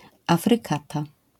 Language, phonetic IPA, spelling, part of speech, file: Polish, [afrɨˈkata], afrykata, noun, LL-Q809 (pol)-afrykata.wav